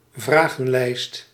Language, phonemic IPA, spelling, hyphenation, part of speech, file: Dutch, /ˈvraɣə(n)ˌlɛist/, vragenlijst, vra‧gen‧lijst, noun, Nl-vragenlijst.ogg
- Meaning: questionnaire